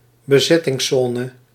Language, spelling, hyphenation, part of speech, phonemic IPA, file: Dutch, bezettingszone, be‧zet‧tings‧zo‧ne, noun, /bəˈzɛ.tɪŋsˌzɔː.nə/, Nl-bezettingszone.ogg
- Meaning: zone of occupation, occupied zone